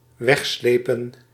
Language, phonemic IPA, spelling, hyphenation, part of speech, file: Dutch, /ˈʋɛxˌsleː.pə(n)/, wegslepen, weg‧sle‧pen, verb, Nl-wegslepen.ogg
- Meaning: to tow away, to draw away, to haul away